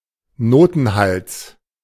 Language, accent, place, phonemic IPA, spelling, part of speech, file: German, Germany, Berlin, /ˈnoːtn̩ˌhals/, Notenhals, noun, De-Notenhals.ogg
- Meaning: stem (the vertical stroke of a symbol representing a note in written music)